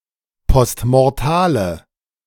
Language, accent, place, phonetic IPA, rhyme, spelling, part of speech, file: German, Germany, Berlin, [pɔstmɔʁˈtaːlə], -aːlə, postmortale, adjective, De-postmortale.ogg
- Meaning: inflection of postmortal: 1. strong/mixed nominative/accusative feminine singular 2. strong nominative/accusative plural 3. weak nominative all-gender singular